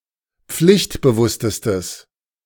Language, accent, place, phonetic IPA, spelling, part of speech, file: German, Germany, Berlin, [ˈp͡flɪçtbəˌvʊstəstəs], pflichtbewusstestes, adjective, De-pflichtbewusstestes.ogg
- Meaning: strong/mixed nominative/accusative neuter singular superlative degree of pflichtbewusst